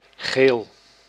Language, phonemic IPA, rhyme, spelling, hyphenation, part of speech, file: Dutch, /ɣeːl/, -eːl, geel, geel, adjective / noun, Nl-geel.ogg
- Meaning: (adjective) yellow; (noun) the colour yellow